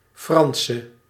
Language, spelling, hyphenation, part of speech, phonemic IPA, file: Dutch, Franse, Fran‧se, adjective / noun, /ˈfrɑnsə/, Nl-Franse.ogg
- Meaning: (adjective) inflection of Frans: 1. masculine/feminine singular attributive 2. definite neuter singular attributive 3. plural attributive; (noun) Frenchwoman